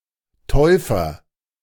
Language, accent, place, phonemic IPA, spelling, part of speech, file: German, Germany, Berlin, /ˈtɔʏ̯fɐ/, Täufer, noun / proper noun, De-Täufer.ogg
- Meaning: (noun) baptist (one who baptises); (proper noun) Baptist (title of Saint John the Baptist)